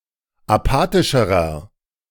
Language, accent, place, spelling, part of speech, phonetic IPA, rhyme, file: German, Germany, Berlin, apathischerer, adjective, [aˈpaːtɪʃəʁɐ], -aːtɪʃəʁɐ, De-apathischerer.ogg
- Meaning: inflection of apathisch: 1. strong/mixed nominative masculine singular comparative degree 2. strong genitive/dative feminine singular comparative degree 3. strong genitive plural comparative degree